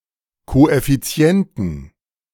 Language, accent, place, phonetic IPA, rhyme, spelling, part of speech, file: German, Germany, Berlin, [ˌkoʔɛfiˈt͡si̯ɛntn̩], -ɛntn̩, Koeffizienten, noun, De-Koeffizienten.ogg
- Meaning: 1. genitive/dative/accusative singular of Koeffizient 2. plural of Koeffizient